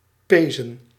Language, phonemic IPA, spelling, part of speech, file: Dutch, /ˈpeːzə(n)/, pezen, verb, Nl-pezen.ogg
- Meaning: 1. to run or walk quickly 2. to work with considerable effort 3. to have sexual intercourse